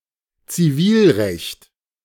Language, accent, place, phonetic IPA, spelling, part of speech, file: German, Germany, Berlin, [t͡siˈviːlˌʁɛçt], Zivilrecht, noun, De-Zivilrecht.ogg
- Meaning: civil law